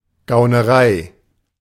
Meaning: swindle
- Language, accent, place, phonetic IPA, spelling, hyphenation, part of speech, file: German, Germany, Berlin, [ɡaʊ̯nəˈʁaɪ̯], Gaunerei, Gau‧ne‧rei, noun, De-Gaunerei.ogg